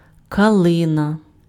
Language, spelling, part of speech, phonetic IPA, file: Ukrainian, калина, noun, [kɐˈɫɪnɐ], Uk-калина.ogg
- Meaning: guelder rose, snowball tree, viburnum